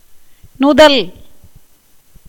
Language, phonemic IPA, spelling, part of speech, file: Tamil, /nʊd̪ɐl/, நுதல், noun / verb, Ta-நுதல்.ogg
- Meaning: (noun) 1. forehead 2. eyebrow; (verb) 1. to denote; to mean, intend 2. to speak, tell 3. to bring into being, create; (noun) word